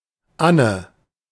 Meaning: 1. a female given name, variant of Anna 2. a male given name of rare usage
- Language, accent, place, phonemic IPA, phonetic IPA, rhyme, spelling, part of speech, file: German, Germany, Berlin, /ˈanə/, [ˈʔa.nə], -anə, Anne, proper noun, De-Anne.ogg